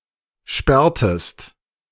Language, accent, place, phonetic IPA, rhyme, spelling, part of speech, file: German, Germany, Berlin, [ˈʃpɛʁtəst], -ɛʁtəst, sperrtest, verb, De-sperrtest.ogg
- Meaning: inflection of sperren: 1. second-person singular preterite 2. second-person singular subjunctive II